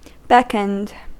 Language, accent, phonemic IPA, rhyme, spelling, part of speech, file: English, US, /ˈbɛkənd/, -ɛkənd, beckoned, verb, En-us-beckoned.ogg
- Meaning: simple past and past participle of beckon